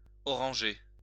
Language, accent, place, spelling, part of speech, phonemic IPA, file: French, France, Lyon, orangé, verb / adjective, /ɔ.ʁɑ̃.ʒe/, LL-Q150 (fra)-orangé.wav
- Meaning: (verb) past participle of oranger; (adjective) orangey